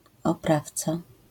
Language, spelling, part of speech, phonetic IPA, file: Polish, oprawca, noun, [ɔˈpraft͡sa], LL-Q809 (pol)-oprawca.wav